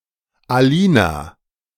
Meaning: a female given name, equivalent to English Alina
- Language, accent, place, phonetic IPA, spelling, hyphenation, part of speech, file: German, Germany, Berlin, [aˈliːna], Alina, A‧li‧na, proper noun, De-Alina.ogg